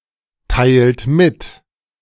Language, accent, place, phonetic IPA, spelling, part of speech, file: German, Germany, Berlin, [ˌtaɪ̯lt ˈmɪt], teilt mit, verb, De-teilt mit.ogg
- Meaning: inflection of mitteilen: 1. second-person plural present 2. third-person singular present 3. plural imperative